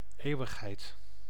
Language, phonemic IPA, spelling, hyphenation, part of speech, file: Dutch, /ˈeːu̯.əxˌɦɛi̯t/, eeuwigheid, eeu‧wig‧heid, noun, Nl-eeuwigheid.ogg
- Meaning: eternity